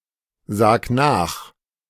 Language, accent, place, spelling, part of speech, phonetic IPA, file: German, Germany, Berlin, sag nach, verb, [ˌzaːk ˈnaːx], De-sag nach.ogg
- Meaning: 1. singular imperative of nachsagen 2. first-person singular present of nachsagen